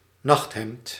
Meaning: nightgown
- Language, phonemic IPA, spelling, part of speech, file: Dutch, /ˈnɑxthɛmt/, nachthemd, noun, Nl-nachthemd.ogg